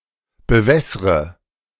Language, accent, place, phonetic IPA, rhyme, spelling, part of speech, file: German, Germany, Berlin, [bəˈvɛsʁə], -ɛsʁə, bewässre, verb, De-bewässre.ogg
- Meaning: inflection of bewässern: 1. first-person singular present 2. first/third-person singular subjunctive I 3. singular imperative